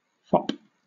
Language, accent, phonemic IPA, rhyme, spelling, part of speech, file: English, Southern England, /fɒp/, -ɒp, fop, noun, LL-Q1860 (eng)-fop.wav
- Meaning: A vain man; a dandy